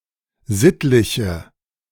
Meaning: inflection of sittlich: 1. strong/mixed nominative/accusative feminine singular 2. strong nominative/accusative plural 3. weak nominative all-gender singular
- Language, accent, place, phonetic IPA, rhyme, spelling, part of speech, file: German, Germany, Berlin, [ˈzɪtlɪçə], -ɪtlɪçə, sittliche, adjective, De-sittliche.ogg